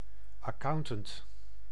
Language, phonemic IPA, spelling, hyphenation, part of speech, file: Dutch, /ɑˈkɑu̯n.tənt/, accountant, ac‧coun‧tant, noun, Nl-accountant.ogg
- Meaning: an accountant; an account-keeper or auditor